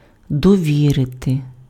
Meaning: to entrust
- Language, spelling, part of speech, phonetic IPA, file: Ukrainian, довірити, verb, [dɔˈʋʲirete], Uk-довірити.ogg